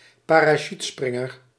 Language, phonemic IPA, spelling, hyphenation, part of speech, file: Dutch, /paː.raːˈʃytˌsprɪ.ŋər/, parachutespringer, pa‧ra‧chute‧sprin‧ger, noun, Nl-parachutespringer.ogg
- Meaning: a parajumper